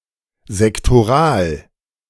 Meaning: sectoral
- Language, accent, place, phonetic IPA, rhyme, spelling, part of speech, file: German, Germany, Berlin, [zɛktoˈʁaːl], -aːl, sektoral, adjective, De-sektoral.ogg